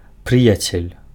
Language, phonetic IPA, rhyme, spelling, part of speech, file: Belarusian, [ˈprɨjat͡sʲelʲ], -ɨjat͡sʲelʲ, прыяцель, noun, Be-прыяцель.ogg
- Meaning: friend